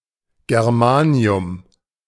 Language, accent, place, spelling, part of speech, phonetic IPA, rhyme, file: German, Germany, Berlin, Germanium, noun, [ɡɛʁˈmaːni̯ʊm], -aːni̯ʊm, De-Germanium.ogg
- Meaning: germanium